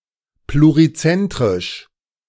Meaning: pluricentric
- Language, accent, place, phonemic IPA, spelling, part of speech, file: German, Germany, Berlin, /pluʁiˈt͡sɛntʁɪʃ/, plurizentrisch, adjective, De-plurizentrisch.ogg